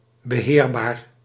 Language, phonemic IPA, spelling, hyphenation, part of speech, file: Dutch, /bəˈɦeːrˌbaːr/, beheerbaar, be‧heer‧baar, adjective, Nl-beheerbaar.ogg
- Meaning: manageable